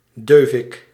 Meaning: bung (plug for a barrel)
- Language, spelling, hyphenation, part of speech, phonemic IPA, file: Dutch, deuvik, deu‧vik, noun, /ˈdøː.vɪk/, Nl-deuvik.ogg